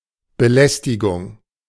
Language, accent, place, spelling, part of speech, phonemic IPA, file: German, Germany, Berlin, Belästigung, noun, /bə.ˈlɛs.ti.ɡʊŋ/, De-Belästigung.ogg
- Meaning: harassment